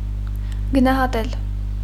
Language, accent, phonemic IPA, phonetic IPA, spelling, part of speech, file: Armenian, Eastern Armenian, /ɡənɑhɑˈtel/, [ɡənɑhɑtél], գնահատել, verb, Hy-գնահատել.ogg
- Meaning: 1. to value, evaluate appreciate, estimate 2. to give a mark